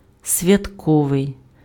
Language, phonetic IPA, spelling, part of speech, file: Ukrainian, [sʲʋʲɐtˈkɔʋei̯], святковий, adjective, Uk-святковий.ogg
- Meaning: 1. holiday (attributive) 2. festive, festal (having the atmosphere, decoration, or attitude of a festival, holiday, or celebration)